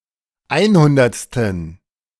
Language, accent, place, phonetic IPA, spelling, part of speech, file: German, Germany, Berlin, [ˈaɪ̯nˌhʊndɐt͡stn̩], einhundertsten, adjective, De-einhundertsten.ogg
- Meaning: inflection of einhundertste: 1. strong genitive masculine/neuter singular 2. weak/mixed genitive/dative all-gender singular 3. strong/weak/mixed accusative masculine singular 4. strong dative plural